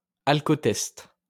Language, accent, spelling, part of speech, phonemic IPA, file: French, France, alcotest, noun, /al.kɔ.tɛst/, LL-Q150 (fra)-alcotest.wav
- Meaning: alternative form of alcootest